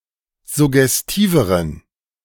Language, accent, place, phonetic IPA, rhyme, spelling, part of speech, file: German, Germany, Berlin, [zʊɡɛsˈtiːvəʁən], -iːvəʁən, suggestiveren, adjective, De-suggestiveren.ogg
- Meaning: inflection of suggestiv: 1. strong genitive masculine/neuter singular comparative degree 2. weak/mixed genitive/dative all-gender singular comparative degree